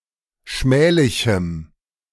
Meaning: strong dative masculine/neuter singular of schmählich
- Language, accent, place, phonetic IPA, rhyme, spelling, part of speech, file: German, Germany, Berlin, [ˈʃmɛːlɪçm̩], -ɛːlɪçm̩, schmählichem, adjective, De-schmählichem.ogg